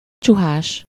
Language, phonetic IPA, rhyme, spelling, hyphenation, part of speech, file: Hungarian, [ˈt͡ʃuɦaːʃ], -aːʃ, csuhás, csu‧hás, adjective / noun, Hu-csuhás.ogg
- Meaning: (adjective) cowled (wearing a monk's gown); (noun) shaveling, sky pilot, preachman